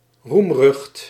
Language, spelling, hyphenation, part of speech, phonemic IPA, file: Dutch, roemrucht, roem‧rucht, adjective, /rumˈrʏxt/, Nl-roemrucht.ogg
- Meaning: renowned, glorious